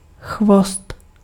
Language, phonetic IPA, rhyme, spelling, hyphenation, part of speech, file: Czech, [ˈxvost], -ost, chvost, chvost, noun, Cs-chvost.ogg
- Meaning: tail